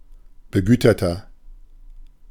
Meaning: 1. comparative degree of begütert 2. inflection of begütert: strong/mixed nominative masculine singular 3. inflection of begütert: strong genitive/dative feminine singular
- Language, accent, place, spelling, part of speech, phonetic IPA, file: German, Germany, Berlin, begüterter, adjective, [bəˈɡyːtɐtɐ], De-begüterter.ogg